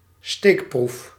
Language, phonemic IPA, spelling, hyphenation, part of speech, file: Dutch, /ˈsteːk.pruf/, steekproef, steek‧proef, noun, Nl-steekproef.ogg
- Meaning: sample (subset of a population selected for measurement)